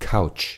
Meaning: sofa, couch
- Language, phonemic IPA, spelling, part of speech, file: German, /kaʊ̯tʃ/, Couch, noun, De-Couch.ogg